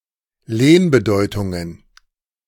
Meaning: plural of Lehnbedeutung
- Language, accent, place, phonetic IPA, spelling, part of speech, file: German, Germany, Berlin, [ˈleːnbəˌdɔɪ̯tʊŋən], Lehnbedeutungen, noun, De-Lehnbedeutungen.ogg